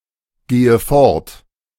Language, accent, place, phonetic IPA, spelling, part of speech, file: German, Germany, Berlin, [ˌɡeːə ˈfɔʁt], gehe fort, verb, De-gehe fort.ogg
- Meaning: inflection of fortgehen: 1. first-person singular present 2. first/third-person singular subjunctive I 3. singular imperative